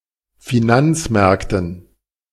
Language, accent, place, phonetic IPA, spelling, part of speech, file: German, Germany, Berlin, [fiˈnant͡sˌmɛʁktn̩], Finanzmärkten, noun, De-Finanzmärkten.ogg
- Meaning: dative plural of Finanzmarkt